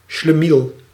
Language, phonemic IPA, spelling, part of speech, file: Dutch, /ʃləˈmil/, schlemiel, noun, Nl-schlemiel.ogg
- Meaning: schlemiel